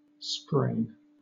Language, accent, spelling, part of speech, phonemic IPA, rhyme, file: English, Southern England, sprain, verb / noun, /spɹeɪn/, -eɪn, LL-Q1860 (eng)-sprain.wav
- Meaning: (verb) To weaken, as a joint, ligament, or muscle, by sudden and excessive exertion, as by wrenching; to overstrain, or stretch injuriously, but without luxation